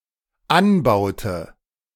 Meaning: inflection of anbauen: 1. first/third-person singular dependent preterite 2. first/third-person singular dependent subjunctive II
- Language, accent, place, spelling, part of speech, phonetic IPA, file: German, Germany, Berlin, anbaute, verb, [ˈanˌbaʊ̯tə], De-anbaute.ogg